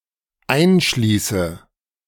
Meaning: inflection of einschließen: 1. first-person singular dependent present 2. first/third-person singular dependent subjunctive I
- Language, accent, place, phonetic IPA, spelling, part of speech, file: German, Germany, Berlin, [ˈaɪ̯nˌʃliːsə], einschließe, verb, De-einschließe.ogg